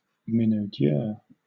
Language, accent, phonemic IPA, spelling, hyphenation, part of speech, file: English, Southern England, /ˌmɪnəʊˈdjɛː/, minaudière, min‧au‧dière, noun, LL-Q1860 (eng)-minaudière.wav
- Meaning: 1. A woman who is exaggeratedly affected or coquettish 2. A type of formal, decorative women's clutch bag without handles or a strap